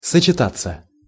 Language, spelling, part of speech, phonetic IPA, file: Russian, сочетаться, verb, [sət͡ɕɪˈtat͡sːə], Ru-сочетаться.ogg
- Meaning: 1. to combine 2. to unite 3. to associate 4. to fit 5. to marry 6. passive of сочета́ть (sočetátʹ)